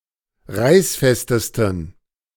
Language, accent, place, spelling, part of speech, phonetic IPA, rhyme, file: German, Germany, Berlin, reißfestesten, adjective, [ˈʁaɪ̯sˌfɛstəstn̩], -aɪ̯sfɛstəstn̩, De-reißfestesten.ogg
- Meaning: 1. superlative degree of reißfest 2. inflection of reißfest: strong genitive masculine/neuter singular superlative degree